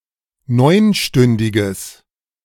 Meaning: strong/mixed nominative/accusative neuter singular of neunstündig
- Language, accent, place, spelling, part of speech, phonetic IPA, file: German, Germany, Berlin, neunstündiges, adjective, [ˈnɔɪ̯nˌʃtʏndɪɡəs], De-neunstündiges.ogg